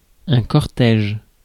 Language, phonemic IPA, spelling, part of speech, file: French, /kɔʁ.tɛʒ/, cortège, noun, Fr-cortège.ogg
- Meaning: procession